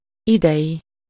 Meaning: this year's, of this year, current year
- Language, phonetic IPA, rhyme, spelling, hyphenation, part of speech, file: Hungarian, [ˈidɛji], -ji, idei, idei, adjective, Hu-idei.ogg